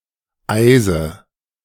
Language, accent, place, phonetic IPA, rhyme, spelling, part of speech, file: German, Germany, Berlin, [ˈaɪ̯zə], -aɪ̯zə, eise, verb, De-eise.ogg
- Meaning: inflection of eisen: 1. first-person singular present 2. first/third-person singular subjunctive I 3. singular imperative